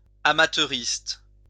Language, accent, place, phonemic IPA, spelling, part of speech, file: French, France, Lyon, /a.ma.tœ.ʁist/, amateuriste, adjective, LL-Q150 (fra)-amateuriste.wav
- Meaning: amateurish